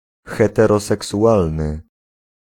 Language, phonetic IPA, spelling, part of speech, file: Polish, [ˌxɛtɛrɔsɛksuˈʷalnɨ], heteroseksualny, adjective, Pl-heteroseksualny.ogg